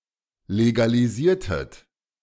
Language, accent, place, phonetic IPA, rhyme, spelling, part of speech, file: German, Germany, Berlin, [leɡaliˈziːɐ̯tət], -iːɐ̯tət, legalisiertet, verb, De-legalisiertet.ogg
- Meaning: inflection of legalisieren: 1. second-person plural preterite 2. second-person plural subjunctive II